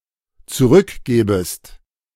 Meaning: second-person singular dependent subjunctive I of zurückgeben
- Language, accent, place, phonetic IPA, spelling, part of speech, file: German, Germany, Berlin, [t͡suˈʁʏkˌɡeːbəst], zurückgebest, verb, De-zurückgebest.ogg